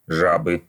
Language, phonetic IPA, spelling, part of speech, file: Russian, [ˈʐabɨ], жабы, noun, Ru-жабы.ogg
- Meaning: inflection of жа́ба (žába): 1. genitive singular 2. nominative plural 3. inanimate accusative plural